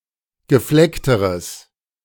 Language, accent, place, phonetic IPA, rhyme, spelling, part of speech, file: German, Germany, Berlin, [ɡəˈflɛktəʁəs], -ɛktəʁəs, gefleckteres, adjective, De-gefleckteres.ogg
- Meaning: strong/mixed nominative/accusative neuter singular comparative degree of gefleckt